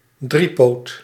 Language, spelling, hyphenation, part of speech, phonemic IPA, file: Dutch, driepoot, drie‧poot, noun, /ˈdri.poːt/, Nl-driepoot.ogg
- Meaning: tripod